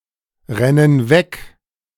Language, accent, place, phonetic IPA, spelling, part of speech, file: German, Germany, Berlin, [ˌʁɛnən ˈvɛk], rennen weg, verb, De-rennen weg.ogg
- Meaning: inflection of wegrennen: 1. first/third-person plural present 2. first/third-person plural subjunctive I